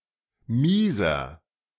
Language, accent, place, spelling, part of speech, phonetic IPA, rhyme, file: German, Germany, Berlin, mieser, adjective, [ˈmiːzɐ], -iːzɐ, De-mieser.ogg
- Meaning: 1. comparative degree of mies 2. inflection of mies: strong/mixed nominative masculine singular 3. inflection of mies: strong genitive/dative feminine singular